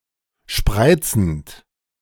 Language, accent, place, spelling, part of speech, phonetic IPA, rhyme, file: German, Germany, Berlin, spreizend, verb, [ˈʃpʁaɪ̯t͡sn̩t], -aɪ̯t͡sn̩t, De-spreizend.ogg
- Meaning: present participle of spreizen